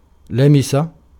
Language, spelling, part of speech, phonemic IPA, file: Arabic, لمس, verb / noun, /la.ma.sa/, Ar-لمس.ogg
- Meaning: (verb) to touch; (noun) 1. verbal noun of لَمَسَ (lamasa) (form I) 2. touch